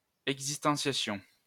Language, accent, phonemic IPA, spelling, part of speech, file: French, France, /ɛɡ.zis.tɑ̃.sja.sjɔ̃/, existentiation, noun, LL-Q150 (fra)-existentiation.wav
- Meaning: existentiation